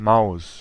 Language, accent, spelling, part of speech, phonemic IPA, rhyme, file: German, Germany, Maus, noun, /maʊ̯s/, -aʊ̯s, De-Maus.ogg
- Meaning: 1. mouse (animal) 2. mouse (input device) 3. sweetheart, babe (likable or attractive person, especially a girl or woman since Maus is a feminine word)